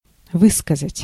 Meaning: to express (oneself), to say, to tell, to pronounce
- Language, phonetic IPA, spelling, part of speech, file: Russian, [ˈvɨskəzətʲ], высказать, verb, Ru-высказать.ogg